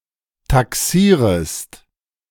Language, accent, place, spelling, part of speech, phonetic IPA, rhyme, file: German, Germany, Berlin, taxierest, verb, [taˈksiːʁəst], -iːʁəst, De-taxierest.ogg
- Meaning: second-person singular subjunctive I of taxieren